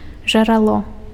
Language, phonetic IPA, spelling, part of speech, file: Belarusian, [ʐaraˈɫo], жарало, noun, Be-жарало.ogg
- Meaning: 1. crater 2. muzzle 3. embrasure 4. tree hollow 5. deep and narrow hole 6. water spring 7. source, origin